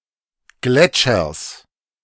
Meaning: genitive singular of Gletscher
- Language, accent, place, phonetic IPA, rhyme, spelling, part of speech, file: German, Germany, Berlin, [ˈɡlɛt͡ʃɐs], -ɛt͡ʃɐs, Gletschers, noun, De-Gletschers.ogg